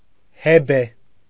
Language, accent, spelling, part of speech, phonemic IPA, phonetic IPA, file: Armenian, Eastern Armenian, Հեբե, proper noun, /heˈbe/, [hebé], Hy-Հեբե.ogg
- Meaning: Hebe